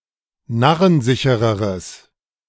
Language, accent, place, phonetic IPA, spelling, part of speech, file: German, Germany, Berlin, [ˈnaʁənˌzɪçəʁəʁəs], narrensichereres, adjective, De-narrensichereres.ogg
- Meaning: strong/mixed nominative/accusative neuter singular comparative degree of narrensicher